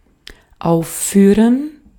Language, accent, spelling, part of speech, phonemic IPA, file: German, Austria, aufführen, verb, /ˈaʊ̯fˌfyːʁən/, De-at-aufführen.ogg
- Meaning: 1. to perform (a play, a piece of music, etc.; especially on a stage) 2. to list (to give as a concrete instance or example)